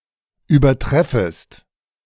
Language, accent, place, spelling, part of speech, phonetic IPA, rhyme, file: German, Germany, Berlin, übertreffest, verb, [yːbɐˈtʁɛfəst], -ɛfəst, De-übertreffest.ogg
- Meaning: second-person singular subjunctive I of übertreffen